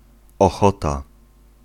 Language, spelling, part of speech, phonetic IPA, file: Polish, ochota, noun, [ɔˈxɔta], Pl-ochota.ogg